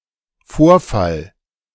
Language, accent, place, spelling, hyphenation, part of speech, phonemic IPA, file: German, Germany, Berlin, Vorfall, Vor‧fall, noun, /ˈfoːɐ̯ˌfal/, De-Vorfall.ogg
- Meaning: 1. incident (event or occurrence) 2. prolapse